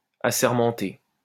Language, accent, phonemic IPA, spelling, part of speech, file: French, France, /a.sɛʁ.mɑ̃.te/, assermenté, verb / adjective, LL-Q150 (fra)-assermenté.wav
- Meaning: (verb) past participle of assermenter; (adjective) sworn (on oath)